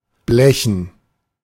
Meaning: to cough up, to fork out, hand over (i.e. money)
- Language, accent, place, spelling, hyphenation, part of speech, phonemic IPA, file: German, Germany, Berlin, blechen, ble‧chen, verb, /ˈblɛçn̩/, De-blechen.ogg